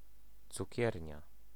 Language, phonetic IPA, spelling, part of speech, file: Polish, [t͡suˈcɛrʲɲa], cukiernia, noun, Pl-cukiernia.ogg